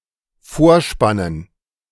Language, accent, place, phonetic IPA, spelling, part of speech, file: German, Germany, Berlin, [ˈfoːɐ̯ˌʃpanən], vorspannen, verb, De-vorspannen.ogg
- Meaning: 1. to harness (to the front) 2. to bias